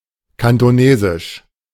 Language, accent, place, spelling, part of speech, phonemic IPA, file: German, Germany, Berlin, kantonesisch, adjective, /ˌkantoˈneːzɪʃ/, De-kantonesisch.ogg
- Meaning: Cantonese (all senses)